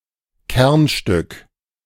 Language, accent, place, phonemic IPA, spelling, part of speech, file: German, Germany, Berlin, /ˈkɛʁnˌʃtʏk/, Kernstück, noun, De-Kernstück.ogg
- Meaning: centerpiece